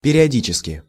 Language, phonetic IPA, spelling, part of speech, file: Russian, [pʲɪrʲɪɐˈdʲit͡ɕɪskʲɪ], периодически, adverb, Ru-периодически.ogg
- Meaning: periodically